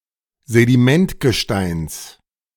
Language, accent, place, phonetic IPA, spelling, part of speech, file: German, Germany, Berlin, [zediˈmɛntɡəˌʃtaɪ̯ns], Sedimentgesteins, noun, De-Sedimentgesteins.ogg
- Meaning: genitive singular of Sedimentgestein